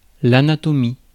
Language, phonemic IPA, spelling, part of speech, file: French, /a.na.tɔ.mi/, anatomie, noun, Fr-anatomie.ogg
- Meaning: 1. anatomy (structure of a living being) 2. anatomy (study) 3. anatomy; dissection 4. dissection; study